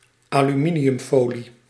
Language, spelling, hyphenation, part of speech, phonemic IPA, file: Dutch, aluminiumfolie, alu‧mi‧ni‧um‧fo‧lie, noun, /aː.lyˈmi.ni.ʏmˌfoː.li/, Nl-aluminiumfolie.ogg
- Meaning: aluminium foil (foil made of aluminium)